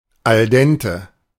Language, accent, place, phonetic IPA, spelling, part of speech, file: German, Germany, Berlin, [alˈdɛntə], al dente, adjective, De-al dente.ogg
- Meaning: al dente